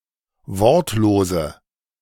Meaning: inflection of wortlos: 1. strong/mixed nominative/accusative feminine singular 2. strong nominative/accusative plural 3. weak nominative all-gender singular 4. weak accusative feminine/neuter singular
- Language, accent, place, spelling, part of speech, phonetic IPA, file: German, Germany, Berlin, wortlose, adjective, [ˈvɔʁtloːzə], De-wortlose.ogg